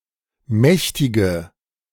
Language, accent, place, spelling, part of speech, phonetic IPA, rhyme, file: German, Germany, Berlin, mächtige, adjective, [ˈmɛçtɪɡə], -ɛçtɪɡə, De-mächtige.ogg
- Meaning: inflection of mächtig: 1. strong/mixed nominative/accusative feminine singular 2. strong nominative/accusative plural 3. weak nominative all-gender singular 4. weak accusative feminine/neuter singular